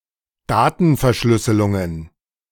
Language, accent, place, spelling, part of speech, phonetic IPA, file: German, Germany, Berlin, Datenverschlüsselungen, noun, [ˈdaːtn̩fɛɐ̯ˌʃlʏsəlʊŋən], De-Datenverschlüsselungen.ogg
- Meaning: plural of Datenverschlüsselung